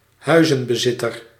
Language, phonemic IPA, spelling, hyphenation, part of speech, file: Dutch, /ˈɦœy̯.zə(n).bəˌzɪ.tər/, huizenbezitter, hui‧zen‧be‧zit‧ter, noun, Nl-huizenbezitter.ogg
- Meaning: homeowner, particularly one who owns more than one house